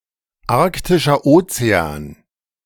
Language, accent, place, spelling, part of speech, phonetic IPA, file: German, Germany, Berlin, Arktischer Ozean, proper noun, [ˌaʁktɪʃɐ ˈoːt͡seaːn], De-Arktischer Ozean.ogg
- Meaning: Arctic Ocean (the smallest of the five oceans of the Earth, on and around the North Pole, bordered by the three continents of Asia, Europe and North America)